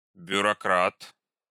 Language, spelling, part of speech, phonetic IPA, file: Russian, бюрократ, noun, [bʲʊrɐˈkrat], Ru-бюрократ.ogg
- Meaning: bureaucrat